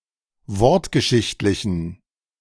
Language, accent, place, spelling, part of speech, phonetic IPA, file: German, Germany, Berlin, wortgeschichtlichen, adjective, [ˈvɔʁtɡəˌʃɪçtlɪçn̩], De-wortgeschichtlichen.ogg
- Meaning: inflection of wortgeschichtlich: 1. strong genitive masculine/neuter singular 2. weak/mixed genitive/dative all-gender singular 3. strong/weak/mixed accusative masculine singular